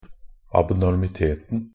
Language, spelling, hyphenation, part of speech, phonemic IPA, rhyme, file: Norwegian Bokmål, abnormiteten, ab‧nor‧mi‧tet‧en, noun, /abnɔrmɪˈteːtn̩/, -eːtn̩, NB - Pronunciation of Norwegian Bokmål «abnormiteten».ogg
- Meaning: definite singular of abnormitet